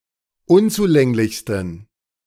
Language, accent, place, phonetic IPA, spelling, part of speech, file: German, Germany, Berlin, [ˈʊnt͡suˌlɛŋlɪçstn̩], unzulänglichsten, adjective, De-unzulänglichsten.ogg
- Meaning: 1. superlative degree of unzulänglich 2. inflection of unzulänglich: strong genitive masculine/neuter singular superlative degree